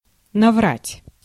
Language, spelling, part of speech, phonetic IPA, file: Russian, наврать, verb, [nɐˈvratʲ], Ru-наврать.ogg
- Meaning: 1. to lie (to someone), to tell lies (to someone) 2. to make mistakes (in) 3. to slander